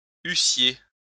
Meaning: second-person plural imperfect subjunctive of avoir
- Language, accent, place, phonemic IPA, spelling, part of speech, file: French, France, Lyon, /y.sje/, eussiez, verb, LL-Q150 (fra)-eussiez.wav